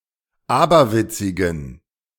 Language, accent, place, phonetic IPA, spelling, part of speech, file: German, Germany, Berlin, [ˈaːbɐˌvɪt͡sɪɡn̩], aberwitzigen, adjective, De-aberwitzigen.ogg
- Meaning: inflection of aberwitzig: 1. strong genitive masculine/neuter singular 2. weak/mixed genitive/dative all-gender singular 3. strong/weak/mixed accusative masculine singular 4. strong dative plural